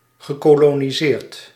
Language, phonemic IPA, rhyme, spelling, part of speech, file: Dutch, /ɣə.koː.loː.niˈzeːrt/, -eːrt, gekoloniseerd, verb, Nl-gekoloniseerd.ogg
- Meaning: past participle of koloniseren